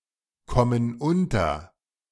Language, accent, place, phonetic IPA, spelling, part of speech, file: German, Germany, Berlin, [ˌkɔmən ˈʊntɐ], kommen unter, verb, De-kommen unter.ogg
- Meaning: inflection of unterkommen: 1. first/third-person plural present 2. first/third-person plural subjunctive I